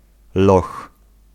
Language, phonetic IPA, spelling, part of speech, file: Polish, [lɔx], loch, noun, Pl-loch.ogg